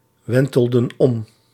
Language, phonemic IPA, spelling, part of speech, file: Dutch, /ˈwɛntəldə(n) ˈɔm/, wentelden om, verb, Nl-wentelden om.ogg
- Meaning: inflection of omwentelen: 1. plural past indicative 2. plural past subjunctive